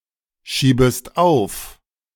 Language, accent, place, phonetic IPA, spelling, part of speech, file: German, Germany, Berlin, [ˌʃiːbəst ˈaʊ̯f], schiebest auf, verb, De-schiebest auf.ogg
- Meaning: second-person singular subjunctive I of aufschieben